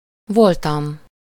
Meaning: first-person singular indicative past indefinite of van
- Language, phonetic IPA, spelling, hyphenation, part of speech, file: Hungarian, [ˈvoltɒm], voltam, vol‧tam, verb, Hu-voltam.ogg